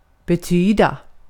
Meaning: 1. to mean (convey, signify, indicate) 2. to mean; to be of importance (for someone) 3. to mean; to result in
- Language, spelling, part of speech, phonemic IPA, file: Swedish, betyda, verb, /bɛ¹tyːda/, Sv-betyda.ogg